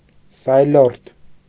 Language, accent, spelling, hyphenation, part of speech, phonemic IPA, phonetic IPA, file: Armenian, Eastern Armenian, սայլորդ, սայ‧լորդ, noun, /sɑjˈloɾtʰ/, [sɑjlóɾtʰ], Hy-սայլորդ.ogg
- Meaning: carter, waggoner, driver, carrier